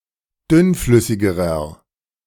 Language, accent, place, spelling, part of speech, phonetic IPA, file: German, Germany, Berlin, dünnflüssigerer, adjective, [ˈdʏnˌflʏsɪɡəʁɐ], De-dünnflüssigerer.ogg
- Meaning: inflection of dünnflüssig: 1. strong/mixed nominative masculine singular comparative degree 2. strong genitive/dative feminine singular comparative degree 3. strong genitive plural comparative degree